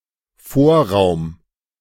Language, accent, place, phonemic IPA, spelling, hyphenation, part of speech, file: German, Germany, Berlin, /ˈfoːɐ̯ˌʁaʊ̯m/, Vorraum, Vor‧raum, noun, De-Vorraum.ogg
- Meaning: 1. entrance hall, anteroom 2. hallway, hall